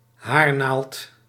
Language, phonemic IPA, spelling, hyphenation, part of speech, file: Dutch, /ˈɦaːr.naːlt/, haarnaald, haar‧naald, noun, Nl-haarnaald.ogg
- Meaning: hairpin